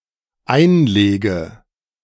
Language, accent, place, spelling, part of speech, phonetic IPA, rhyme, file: German, Germany, Berlin, einlege, verb, [ˈaɪ̯nˌleːɡə], -aɪ̯nleːɡə, De-einlege.ogg
- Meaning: inflection of einlegen: 1. first-person singular dependent present 2. first/third-person singular dependent subjunctive I